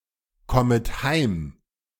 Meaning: second-person plural subjunctive I of heimkommen
- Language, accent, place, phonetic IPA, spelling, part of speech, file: German, Germany, Berlin, [ˌkɔmət ˈhaɪ̯m], kommet heim, verb, De-kommet heim.ogg